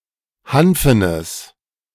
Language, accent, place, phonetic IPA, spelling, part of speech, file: German, Germany, Berlin, [ˈhanfənəs], hanfenes, adjective, De-hanfenes.ogg
- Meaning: strong/mixed nominative/accusative neuter singular of hanfen